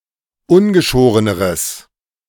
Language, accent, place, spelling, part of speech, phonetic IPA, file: German, Germany, Berlin, ungeschoreneres, adjective, [ˈʊnɡəˌʃoːʁənəʁəs], De-ungeschoreneres.ogg
- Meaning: strong/mixed nominative/accusative neuter singular comparative degree of ungeschoren